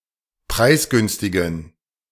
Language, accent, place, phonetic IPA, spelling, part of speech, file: German, Germany, Berlin, [ˈpʁaɪ̯sˌɡʏnstɪɡn̩], preisgünstigen, adjective, De-preisgünstigen.ogg
- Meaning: inflection of preisgünstig: 1. strong genitive masculine/neuter singular 2. weak/mixed genitive/dative all-gender singular 3. strong/weak/mixed accusative masculine singular 4. strong dative plural